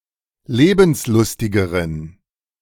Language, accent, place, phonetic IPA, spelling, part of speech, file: German, Germany, Berlin, [ˈleːbn̩sˌlʊstɪɡəʁən], lebenslustigeren, adjective, De-lebenslustigeren.ogg
- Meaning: inflection of lebenslustig: 1. strong genitive masculine/neuter singular comparative degree 2. weak/mixed genitive/dative all-gender singular comparative degree